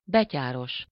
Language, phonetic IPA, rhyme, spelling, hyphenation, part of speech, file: Hungarian, [ˈbɛcaːroʃ], -oʃ, betyáros, be‧tyá‧ros, adjective, Hu-betyáros.ogg
- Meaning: bold and jaunty